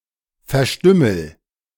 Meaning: inflection of verstümmeln: 1. first-person singular present 2. singular imperative
- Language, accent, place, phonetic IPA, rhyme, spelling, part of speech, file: German, Germany, Berlin, [fɛɐ̯ˈʃtʏml̩], -ʏml̩, verstümmel, verb, De-verstümmel.ogg